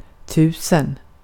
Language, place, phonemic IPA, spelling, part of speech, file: Swedish, Gotland, /ˈtʉːsɛn/, tusen, numeral, Sv-tusen.ogg
- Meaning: thousand